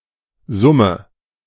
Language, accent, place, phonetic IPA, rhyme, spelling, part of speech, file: German, Germany, Berlin, [ˈzʊmə], -ʊmə, summe, verb, De-summe.ogg
- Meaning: inflection of summen: 1. first-person singular present 2. singular imperative 3. first/third-person singular subjunctive I